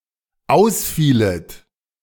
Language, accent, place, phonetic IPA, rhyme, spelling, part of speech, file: German, Germany, Berlin, [ˈaʊ̯sˌfiːlət], -aʊ̯sfiːlət, ausfielet, verb, De-ausfielet.ogg
- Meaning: second-person plural dependent subjunctive II of ausfallen